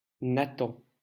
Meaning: 1. Nathan (biblical prophet) 2. a male given name, currently popular
- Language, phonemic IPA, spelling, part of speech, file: French, /na.tɑ̃/, Nathan, proper noun, LL-Q150 (fra)-Nathan.wav